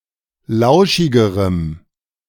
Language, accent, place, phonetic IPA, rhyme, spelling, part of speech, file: German, Germany, Berlin, [ˈlaʊ̯ʃɪɡəʁəm], -aʊ̯ʃɪɡəʁəm, lauschigerem, adjective, De-lauschigerem.ogg
- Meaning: strong dative masculine/neuter singular comparative degree of lauschig